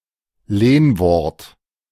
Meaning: loanword, foreign word, borrowing
- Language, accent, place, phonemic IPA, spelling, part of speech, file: German, Germany, Berlin, /ˈleːnˌvɔʁt/, Lehnwort, noun, De-Lehnwort.ogg